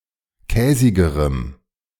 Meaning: strong dative masculine/neuter singular comparative degree of käsig
- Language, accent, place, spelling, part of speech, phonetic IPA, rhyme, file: German, Germany, Berlin, käsigerem, adjective, [ˈkɛːzɪɡəʁəm], -ɛːzɪɡəʁəm, De-käsigerem.ogg